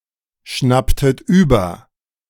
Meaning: inflection of überschnappen: 1. second-person plural preterite 2. second-person plural subjunctive II
- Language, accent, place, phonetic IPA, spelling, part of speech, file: German, Germany, Berlin, [ˌʃnaptət ˈyːbɐ], schnapptet über, verb, De-schnapptet über.ogg